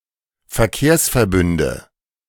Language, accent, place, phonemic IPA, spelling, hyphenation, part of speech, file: German, Germany, Berlin, /fɛɐ̯ˈkeːɐ̯s.fɛɐ̯ˌbʏndə/, Verkehrsverbünde, Ver‧kehrs‧ver‧bün‧de, noun, De-Verkehrsverbünde.ogg
- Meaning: nominative genitive accusative plural of Verkehrsverbund